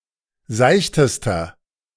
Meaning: inflection of seicht: 1. strong/mixed nominative masculine singular superlative degree 2. strong genitive/dative feminine singular superlative degree 3. strong genitive plural superlative degree
- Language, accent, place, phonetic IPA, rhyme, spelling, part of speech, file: German, Germany, Berlin, [ˈzaɪ̯çtəstɐ], -aɪ̯çtəstɐ, seichtester, adjective, De-seichtester.ogg